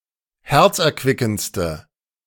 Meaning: inflection of herzerquickend: 1. strong/mixed nominative/accusative feminine singular superlative degree 2. strong nominative/accusative plural superlative degree
- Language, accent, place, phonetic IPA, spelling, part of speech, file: German, Germany, Berlin, [ˈhɛʁt͡sʔɛɐ̯ˌkvɪkn̩t͡stə], herzerquickendste, adjective, De-herzerquickendste.ogg